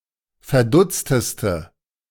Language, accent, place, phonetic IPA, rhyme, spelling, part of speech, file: German, Germany, Berlin, [fɛɐ̯ˈdʊt͡stəstə], -ʊt͡stəstə, verdutzteste, adjective, De-verdutzteste.ogg
- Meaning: inflection of verdutzt: 1. strong/mixed nominative/accusative feminine singular superlative degree 2. strong nominative/accusative plural superlative degree